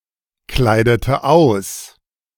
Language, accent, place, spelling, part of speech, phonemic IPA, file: German, Germany, Berlin, kleidete aus, verb, /ˌklaɪ̯dətə ˈaʊ̯s/, De-kleidete aus.ogg
- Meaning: inflection of auskleiden: 1. first/third-person singular preterite 2. first/third-person singular subjunctive II